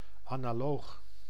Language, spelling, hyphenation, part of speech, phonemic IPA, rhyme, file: Dutch, analoog, ana‧loog, adjective, /ˌaː.naːˈloːx/, -oːx, Nl-analoog.ogg
- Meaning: 1. analogue 2. analogous (having analogy; corresponding to something else)